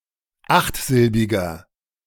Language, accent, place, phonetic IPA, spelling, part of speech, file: German, Germany, Berlin, [ˈaxtˌzɪlbɪɡɐ], achtsilbiger, adjective, De-achtsilbiger.ogg
- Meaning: inflection of achtsilbig: 1. strong/mixed nominative masculine singular 2. strong genitive/dative feminine singular 3. strong genitive plural